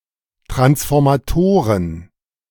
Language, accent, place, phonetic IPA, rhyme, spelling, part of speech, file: German, Germany, Berlin, [tʁansfɔʁmaˈtoːʁən], -oːʁən, Transformatoren, noun, De-Transformatoren.ogg
- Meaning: plural of Transformator